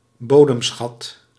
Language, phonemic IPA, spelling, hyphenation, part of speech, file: Dutch, /ˈboː.dəmˌsxɑt/, bodemschat, bo‧dem‧schat, noun, Nl-bodemschat.ogg
- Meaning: mineral resource